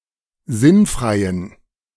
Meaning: inflection of sinnfrei: 1. strong genitive masculine/neuter singular 2. weak/mixed genitive/dative all-gender singular 3. strong/weak/mixed accusative masculine singular 4. strong dative plural
- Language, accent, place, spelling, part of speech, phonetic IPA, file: German, Germany, Berlin, sinnfreien, adjective, [ˈzɪnˌfʁaɪ̯ən], De-sinnfreien.ogg